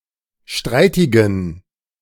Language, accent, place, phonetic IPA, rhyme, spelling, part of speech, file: German, Germany, Berlin, [ˈʃtʁaɪ̯tɪɡn̩], -aɪ̯tɪɡn̩, streitigen, adjective, De-streitigen.ogg
- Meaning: inflection of streitig: 1. strong genitive masculine/neuter singular 2. weak/mixed genitive/dative all-gender singular 3. strong/weak/mixed accusative masculine singular 4. strong dative plural